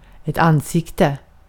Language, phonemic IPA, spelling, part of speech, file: Swedish, /anːsɪktə/, ansikte, noun, Sv-ansikte.ogg
- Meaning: a face; front side of the head